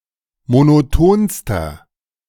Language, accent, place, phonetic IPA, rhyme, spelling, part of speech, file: German, Germany, Berlin, [monoˈtoːnstɐ], -oːnstɐ, monotonster, adjective, De-monotonster.ogg
- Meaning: inflection of monoton: 1. strong/mixed nominative masculine singular superlative degree 2. strong genitive/dative feminine singular superlative degree 3. strong genitive plural superlative degree